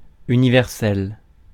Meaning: 1. universal 2. all-purpose, universal (useful for many purposes)
- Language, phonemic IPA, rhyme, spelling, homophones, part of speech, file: French, /y.ni.vɛʁ.sɛl/, -ɛl, universel, universelle / universelles / universels, adjective, Fr-universel.ogg